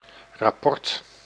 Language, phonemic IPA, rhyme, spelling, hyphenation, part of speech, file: Dutch, /rɑˈpɔrt/, -ɔrt, rapport, rap‧port, noun, Nl-rapport.ogg
- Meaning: 1. a report 2. a report card